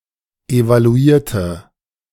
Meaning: inflection of evaluieren: 1. first/third-person singular preterite 2. first/third-person singular subjunctive II
- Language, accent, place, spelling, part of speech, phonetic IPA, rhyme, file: German, Germany, Berlin, evaluierte, adjective / verb, [evaluˈiːɐ̯tə], -iːɐ̯tə, De-evaluierte.ogg